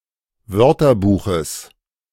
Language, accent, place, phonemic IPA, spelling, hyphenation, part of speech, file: German, Germany, Berlin, /ˈvœʁtɐˌbuːxəs/, Wörterbuches, Wör‧ter‧bu‧ches, noun, De-Wörterbuches.ogg
- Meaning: genitive singular of Wörterbuch